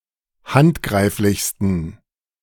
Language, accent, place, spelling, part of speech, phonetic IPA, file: German, Germany, Berlin, handgreiflichsten, adjective, [ˈhantˌɡʁaɪ̯flɪçstn̩], De-handgreiflichsten.ogg
- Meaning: 1. superlative degree of handgreiflich 2. inflection of handgreiflich: strong genitive masculine/neuter singular superlative degree